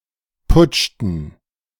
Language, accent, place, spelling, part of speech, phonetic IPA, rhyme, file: German, Germany, Berlin, putschten, verb, [ˈpʊt͡ʃtn̩], -ʊt͡ʃtn̩, De-putschten.ogg
- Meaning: inflection of putschen: 1. first/third-person plural preterite 2. first/third-person plural subjunctive II